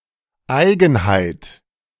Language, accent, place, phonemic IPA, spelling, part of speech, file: German, Germany, Berlin, /ˈaɪ̯ɡənhaɪ̯t/, Eigenheit, noun, De-Eigenheit.ogg
- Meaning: 1. singularity (the state of being singular, distinct, peculiar, uncommon or unusual) 2. behavior, mannerism (a distinctive behavioral trait)